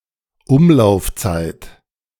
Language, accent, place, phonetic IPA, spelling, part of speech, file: German, Germany, Berlin, [ˈʊmlaʊ̯fˌt͡saɪ̯t], Umlaufzeit, noun, De-Umlaufzeit.ogg
- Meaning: 1. period, circulation period 2. period of circulation, period of revolution